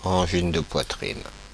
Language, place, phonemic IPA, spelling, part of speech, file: French, Paris, /ɑ̃.ʒin də pwa.tʁin/, angine de poitrine, noun, Fr-Angine de poitrine.oga
- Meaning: angina pectoris (intermittent chest pain)